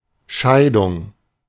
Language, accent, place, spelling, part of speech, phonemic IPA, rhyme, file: German, Germany, Berlin, Scheidung, noun, /ˈʃaɪ̯dʊŋ/, -aɪ̯dʊŋ, De-Scheidung.ogg
- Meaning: 1. separation 2. divorce